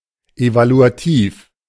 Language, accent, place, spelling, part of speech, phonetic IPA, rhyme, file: German, Germany, Berlin, evaluativ, adjective, [ˌevaluaˈtiːf], -iːf, De-evaluativ.ogg
- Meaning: evaluative